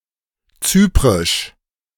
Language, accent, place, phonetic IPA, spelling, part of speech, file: German, Germany, Berlin, [ˈt͡syːpʁɪʃ], zyprisch, adjective, De-zyprisch.ogg
- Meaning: of Cyprus; Cypriot